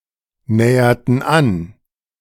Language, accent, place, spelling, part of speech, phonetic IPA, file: German, Germany, Berlin, näherten an, verb, [ˌnɛːɐtn̩ ˈan], De-näherten an.ogg
- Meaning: inflection of annähern: 1. first/third-person plural preterite 2. first/third-person plural subjunctive II